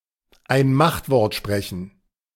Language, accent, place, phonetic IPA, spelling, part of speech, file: German, Germany, Berlin, [aɪ̯n ˈmaxtˌvɔʁt ˈʃpʁɛçn̩], ein Machtwort sprechen, phrase, De-ein Machtwort sprechen.ogg
- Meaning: to decide a matter; to exercise one's authority